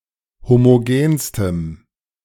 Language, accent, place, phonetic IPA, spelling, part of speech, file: German, Germany, Berlin, [ˌhomoˈɡeːnstəm], homogenstem, adjective, De-homogenstem.ogg
- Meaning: strong dative masculine/neuter singular superlative degree of homogen